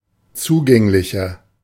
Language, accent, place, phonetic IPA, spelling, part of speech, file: German, Germany, Berlin, [ˈt͡suːˌɡɛŋlɪçɐ], zugänglicher, adjective, De-zugänglicher.ogg
- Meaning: 1. comparative degree of zugänglich 2. inflection of zugänglich: strong/mixed nominative masculine singular 3. inflection of zugänglich: strong genitive/dative feminine singular